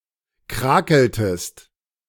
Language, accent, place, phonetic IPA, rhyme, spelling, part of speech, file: German, Germany, Berlin, [ˈkʁaːkl̩təst], -aːkl̩təst, krakeltest, verb, De-krakeltest.ogg
- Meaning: inflection of krakeln: 1. second-person singular preterite 2. second-person singular subjunctive II